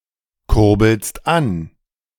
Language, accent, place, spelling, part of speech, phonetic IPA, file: German, Germany, Berlin, kurbelst an, verb, [ˌkʊʁbl̩st ˈan], De-kurbelst an.ogg
- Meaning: second-person singular present of ankurbeln